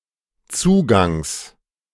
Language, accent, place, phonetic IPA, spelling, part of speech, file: German, Germany, Berlin, [ˈt͡suːɡaŋs], Zugangs, noun, De-Zugangs.ogg
- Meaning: genitive singular of Zugang